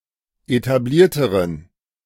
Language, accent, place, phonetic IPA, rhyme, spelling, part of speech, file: German, Germany, Berlin, [etaˈbliːɐ̯təʁən], -iːɐ̯təʁən, etablierteren, adjective, De-etablierteren.ogg
- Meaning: inflection of etabliert: 1. strong genitive masculine/neuter singular comparative degree 2. weak/mixed genitive/dative all-gender singular comparative degree